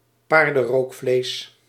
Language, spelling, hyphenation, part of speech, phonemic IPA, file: Dutch, paardenrookvlees, paar‧den‧rook‧vlees, noun, /ˈpaːr.də(n)ˌroːk.fleːs/, Nl-paardenrookvlees.ogg
- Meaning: smoked horsemeat